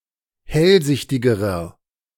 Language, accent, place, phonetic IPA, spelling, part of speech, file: German, Germany, Berlin, [ˈhɛlˌzɪçtɪɡəʁɐ], hellsichtigerer, adjective, De-hellsichtigerer.ogg
- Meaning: inflection of hellsichtig: 1. strong/mixed nominative masculine singular comparative degree 2. strong genitive/dative feminine singular comparative degree 3. strong genitive plural comparative degree